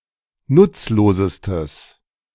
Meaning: strong/mixed nominative/accusative neuter singular superlative degree of nutzlos
- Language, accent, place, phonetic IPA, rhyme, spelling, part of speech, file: German, Germany, Berlin, [ˈnʊt͡sloːzəstəs], -ʊt͡sloːzəstəs, nutzlosestes, adjective, De-nutzlosestes.ogg